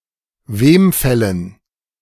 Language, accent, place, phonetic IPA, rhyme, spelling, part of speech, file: German, Germany, Berlin, [ˈveːmˌfɛlən], -eːmfɛlən, Wemfällen, noun, De-Wemfällen.ogg
- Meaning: dative plural of Wemfall